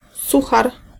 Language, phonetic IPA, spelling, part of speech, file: Polish, [ˈsuxar], suchar, noun, Pl-suchar.ogg